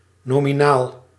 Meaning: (adjective) 1. nominal, in name but not in reality 2. nominal, pertaining to nouns and/or nominals 3. nominal, unadjusted for inflation
- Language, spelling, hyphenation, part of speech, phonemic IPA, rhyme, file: Dutch, nominaal, no‧mi‧naal, adjective / noun, /ˌnoː.miˈnaːl/, -aːl, Nl-nominaal.ogg